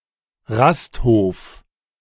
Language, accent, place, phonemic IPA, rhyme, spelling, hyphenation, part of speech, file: German, Germany, Berlin, /ˈʁastˌhoːf/, -oːf, Rasthof, Rast‧hof, noun, De-Rasthof.ogg
- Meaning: roadhouse